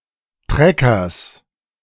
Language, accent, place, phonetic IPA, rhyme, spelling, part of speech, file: German, Germany, Berlin, [ˈtʁɛkɐs], -ɛkɐs, Treckers, noun, De-Treckers.ogg
- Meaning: genitive singular of Trecker